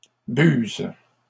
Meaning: plural of buse
- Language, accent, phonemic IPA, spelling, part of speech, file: French, Canada, /byz/, buses, noun, LL-Q150 (fra)-buses.wav